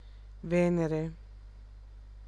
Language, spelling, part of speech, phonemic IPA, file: Italian, Venere, proper noun, /ˈvɛnere/, It-Venere.ogg